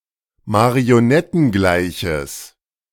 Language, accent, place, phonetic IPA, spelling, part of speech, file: German, Germany, Berlin, [maʁioˈnɛtn̩ˌɡlaɪ̯çəs], marionettengleiches, adjective, De-marionettengleiches.ogg
- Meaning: strong/mixed nominative/accusative neuter singular of marionettengleich